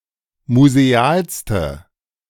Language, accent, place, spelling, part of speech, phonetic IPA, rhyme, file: German, Germany, Berlin, musealste, adjective, [muzeˈaːlstə], -aːlstə, De-musealste.ogg
- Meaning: inflection of museal: 1. strong/mixed nominative/accusative feminine singular superlative degree 2. strong nominative/accusative plural superlative degree